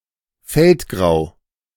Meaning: feldgrau
- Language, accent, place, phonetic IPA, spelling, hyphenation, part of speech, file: German, Germany, Berlin, [ˈfɛltˌɡʁaʊ̯], feldgrau, feld‧grau, adjective, De-feldgrau.ogg